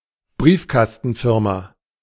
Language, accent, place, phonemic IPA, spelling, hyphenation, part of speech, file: German, Germany, Berlin, /ˈbʁiːfkastənˌfɪʁma/, Briefkastenfirma, Brief‧kas‧ten‧fir‧ma, noun, De-Briefkastenfirma.ogg
- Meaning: shell company, front company